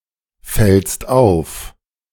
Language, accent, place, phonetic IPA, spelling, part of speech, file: German, Germany, Berlin, [ˌfɛlst ˈaʊ̯f], fällst auf, verb, De-fällst auf.ogg
- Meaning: second-person singular present of auffallen